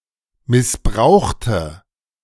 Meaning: inflection of missbrauchen: 1. first/third-person singular preterite 2. first/third-person singular subjunctive II
- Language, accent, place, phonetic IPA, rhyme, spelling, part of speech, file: German, Germany, Berlin, [mɪsˈbʁaʊ̯xtə], -aʊ̯xtə, missbrauchte, adjective / verb, De-missbrauchte.ogg